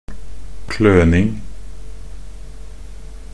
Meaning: the act of scratching; working clumsily
- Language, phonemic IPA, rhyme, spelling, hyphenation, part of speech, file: Norwegian Bokmål, /ˈkløːnɪŋ/, -ɪŋ, kløning, kløn‧ing, noun, Nb-kløning.ogg